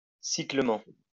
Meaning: cyclically
- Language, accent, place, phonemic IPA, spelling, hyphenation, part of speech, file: French, France, Lyon, /si.klik.mɑ̃/, cycliquement, cy‧clique‧ment, adverb, LL-Q150 (fra)-cycliquement.wav